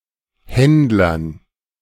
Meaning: dative plural of Händler
- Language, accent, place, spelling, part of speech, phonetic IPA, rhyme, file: German, Germany, Berlin, Händlern, noun, [ˈhɛndlɐn], -ɛndlɐn, De-Händlern.ogg